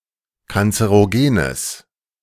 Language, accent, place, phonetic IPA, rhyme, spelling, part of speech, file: German, Germany, Berlin, [kant͡səʁoˈɡeːnəs], -eːnəs, kanzerogenes, adjective, De-kanzerogenes.ogg
- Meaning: strong/mixed nominative/accusative neuter singular of kanzerogen